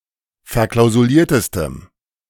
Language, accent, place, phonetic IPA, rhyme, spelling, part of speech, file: German, Germany, Berlin, [fɛɐ̯ˌklaʊ̯zuˈliːɐ̯təstəm], -iːɐ̯təstəm, verklausuliertestem, adjective, De-verklausuliertestem.ogg
- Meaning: strong dative masculine/neuter singular superlative degree of verklausuliert